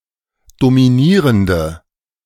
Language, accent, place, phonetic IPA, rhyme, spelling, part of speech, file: German, Germany, Berlin, [domiˈniːʁəndə], -iːʁəndə, dominierende, adjective, De-dominierende.ogg
- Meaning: inflection of dominierend: 1. strong/mixed nominative/accusative feminine singular 2. strong nominative/accusative plural 3. weak nominative all-gender singular